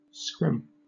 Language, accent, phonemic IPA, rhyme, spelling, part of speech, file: English, Southern England, /skɹɪm/, -ɪm, scrim, noun / verb, LL-Q1860 (eng)-scrim.wav
- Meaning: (noun) A kind of light cotton or linen fabric, often woven in openwork patterns, used for curtains, etc,